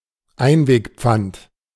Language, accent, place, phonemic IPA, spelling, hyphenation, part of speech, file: German, Germany, Berlin, /ˈaɪ̯nveːkˌp͡fant/, Einwegpfand, Ein‧weg‧pfand, noun, De-Einwegpfand.ogg
- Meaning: can or bottle deposit